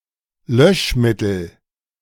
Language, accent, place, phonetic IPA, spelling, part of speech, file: German, Germany, Berlin, [ˈlœʃˌmɪtl̩], Löschmittel, noun, De-Löschmittel.ogg
- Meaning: extinguishing agent